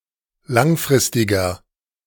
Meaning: inflection of langfristig: 1. strong/mixed nominative masculine singular 2. strong genitive/dative feminine singular 3. strong genitive plural
- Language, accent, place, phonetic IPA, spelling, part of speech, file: German, Germany, Berlin, [ˈlaŋˌfʁɪstɪɡɐ], langfristiger, adjective, De-langfristiger.ogg